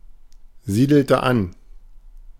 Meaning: inflection of ansiedeln: 1. first/third-person singular preterite 2. first/third-person singular subjunctive II
- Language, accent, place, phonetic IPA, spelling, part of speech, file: German, Germany, Berlin, [ˌziːdl̩tə ˈan], siedelte an, verb, De-siedelte an.ogg